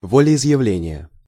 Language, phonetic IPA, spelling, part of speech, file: Russian, [vəlʲɪɪzjɪˈvlʲenʲɪjə], волеизъявления, noun, Ru-волеизъявления.ogg
- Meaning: inflection of волеизъявле́ние (voleizʺjavlénije): 1. genitive singular 2. nominative/accusative plural